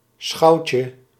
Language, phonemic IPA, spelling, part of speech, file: Dutch, /ˈsxɑucə/, schouwtje, noun, Nl-schouwtje.ogg
- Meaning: diminutive of schouw